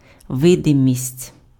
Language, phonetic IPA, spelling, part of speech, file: Ukrainian, [ˈʋɪdemʲisʲtʲ], видимість, noun, Uk-видимість.ogg
- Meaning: 1. visibility 2. appearance, semblance (outward show)